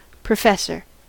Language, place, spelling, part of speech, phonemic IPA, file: English, California, professor, noun, /pɹəˈfɛs.ɚ/, En-us-professor.ogg
- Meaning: 1. The most senior rank for an academic at a university or similar institution 2. A teacher or faculty member at a college or university regardless of formal rank